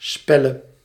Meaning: singular present subjunctive of spellen
- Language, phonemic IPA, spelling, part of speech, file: Dutch, /ˈspɛlə/, spelle, verb, Nl-spelle.ogg